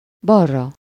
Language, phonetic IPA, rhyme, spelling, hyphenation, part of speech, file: Hungarian, [ˈbɒrːɒ], -rɒ, balra, bal‧ra, adverb, Hu-balra.ogg
- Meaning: on/to the left